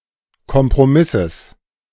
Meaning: genitive singular of Kompromiss
- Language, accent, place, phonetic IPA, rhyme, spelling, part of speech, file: German, Germany, Berlin, [kɔmpʁoˈmɪsəs], -ɪsəs, Kompromisses, noun, De-Kompromisses.ogg